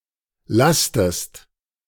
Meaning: inflection of lasten: 1. second-person singular present 2. second-person singular subjunctive I
- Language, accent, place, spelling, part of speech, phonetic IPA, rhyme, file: German, Germany, Berlin, lastest, verb, [ˈlastəst], -astəst, De-lastest.ogg